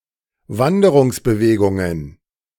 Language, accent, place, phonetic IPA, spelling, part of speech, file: German, Germany, Berlin, [ˈvandəʁʊŋsbəˌveːɡʊŋən], Wanderungsbewegungen, noun, De-Wanderungsbewegungen.ogg
- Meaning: plural of Wanderungsbewegung